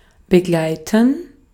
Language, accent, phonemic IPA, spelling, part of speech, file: German, Austria, /bəˈɡlaɪ̯tən/, begleiten, verb, De-at-begleiten.ogg
- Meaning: 1. to accompany 2. to conduct, escort